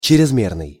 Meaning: excessive
- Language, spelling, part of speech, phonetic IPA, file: Russian, чрезмерный, adjective, [t͡ɕ(ɪ)rʲɪzˈmʲernɨj], Ru-чрезмерный.ogg